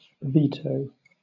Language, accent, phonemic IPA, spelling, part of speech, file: English, Southern England, /ˈviːtəʊ/, veto, noun / verb, LL-Q1860 (eng)-veto.wav
- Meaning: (noun) 1. A political right to disapprove of (and thereby stop) the process of a decision, a law etc 2. An invocation of that right